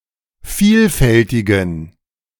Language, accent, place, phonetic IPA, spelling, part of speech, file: German, Germany, Berlin, [ˈfiːlˌfɛltɪɡn̩], vielfältigen, adjective, De-vielfältigen.ogg
- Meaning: inflection of vielfältig: 1. strong genitive masculine/neuter singular 2. weak/mixed genitive/dative all-gender singular 3. strong/weak/mixed accusative masculine singular 4. strong dative plural